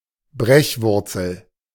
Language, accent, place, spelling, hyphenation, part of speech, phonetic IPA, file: German, Germany, Berlin, Brechwurzel, Brech‧wur‧zel, noun, [ˈbʁɛçˌvʊʁt͡sl̩], De-Brechwurzel.ogg
- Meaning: ipecac